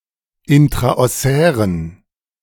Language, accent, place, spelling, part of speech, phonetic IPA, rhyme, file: German, Germany, Berlin, intraossären, adjective, [ˌɪntʁaʔɔˈsɛːʁən], -ɛːʁən, De-intraossären.ogg
- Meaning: inflection of intraossär: 1. strong genitive masculine/neuter singular 2. weak/mixed genitive/dative all-gender singular 3. strong/weak/mixed accusative masculine singular 4. strong dative plural